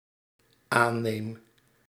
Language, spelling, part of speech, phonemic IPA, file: Dutch, aanneem, verb, /ˈanem/, Nl-aanneem.ogg
- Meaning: first-person singular dependent-clause present indicative of aannemen